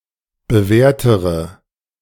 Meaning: inflection of bewährt: 1. strong/mixed nominative/accusative feminine singular comparative degree 2. strong nominative/accusative plural comparative degree
- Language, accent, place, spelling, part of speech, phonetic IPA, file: German, Germany, Berlin, bewährtere, adjective, [bəˈvɛːɐ̯təʁə], De-bewährtere.ogg